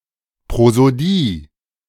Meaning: 1. prosody 2. prosody (study of rhythm and other attributes in speech)
- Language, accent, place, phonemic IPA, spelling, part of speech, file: German, Germany, Berlin, /pʁozoˈdiː/, Prosodie, noun, De-Prosodie.ogg